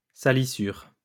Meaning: 1. dirt (something that causes something to be dirty); defilement 2. fouling
- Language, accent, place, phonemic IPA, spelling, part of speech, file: French, France, Lyon, /sa.li.syʁ/, salissure, noun, LL-Q150 (fra)-salissure.wav